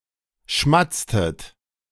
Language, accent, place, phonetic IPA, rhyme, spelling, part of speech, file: German, Germany, Berlin, [ˈʃmat͡stət], -at͡stət, schmatztet, verb, De-schmatztet.ogg
- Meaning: inflection of schmatzen: 1. second-person plural preterite 2. second-person plural subjunctive II